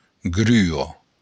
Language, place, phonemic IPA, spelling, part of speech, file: Occitan, Béarn, /ˈɡry.ɒ/, grua, noun, LL-Q14185 (oci)-grua.wav
- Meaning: crane (bird and lifting device)